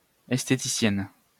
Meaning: female equivalent of esthéticien
- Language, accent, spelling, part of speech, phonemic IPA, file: French, France, esthéticienne, noun, /ɛs.te.ti.sjɛn/, LL-Q150 (fra)-esthéticienne.wav